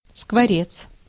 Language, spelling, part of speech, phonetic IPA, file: Russian, скворец, noun, [skvɐˈrʲet͡s], Ru-скворец.ogg
- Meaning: starling